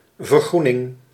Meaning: transition to a less environmentally harmful state or practice, greening
- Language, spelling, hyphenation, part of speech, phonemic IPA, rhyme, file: Dutch, vergroening, ver‧groe‧ning, noun, /vərˈɣru.nɪŋ/, -unɪŋ, Nl-vergroening.ogg